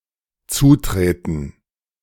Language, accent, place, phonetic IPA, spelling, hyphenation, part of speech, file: German, Germany, Berlin, [ˈt͡suːˌtʁeːtn̩], zutreten, zu‧tre‧ten, verb, De-zutreten.ogg
- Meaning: 1. to kick 2. to step up to